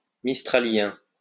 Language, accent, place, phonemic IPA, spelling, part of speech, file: French, France, Lyon, /mis.tʁa.ljɛ̃/, mistralien, adjective, LL-Q150 (fra)-mistralien.wav
- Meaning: Mistralian